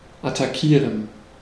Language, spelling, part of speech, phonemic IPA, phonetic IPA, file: German, attackieren, verb, /ataˈkiːʁən/, [ʔatʰaˈkʰiːɐ̯n], De-attackieren.ogg
- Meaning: to attack